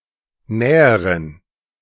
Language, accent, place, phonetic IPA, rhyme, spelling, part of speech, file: German, Germany, Berlin, [ˈnɛːəʁən], -ɛːəʁən, näheren, adjective, De-näheren.ogg
- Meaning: inflection of nah: 1. strong genitive masculine/neuter singular comparative degree 2. weak/mixed genitive/dative all-gender singular comparative degree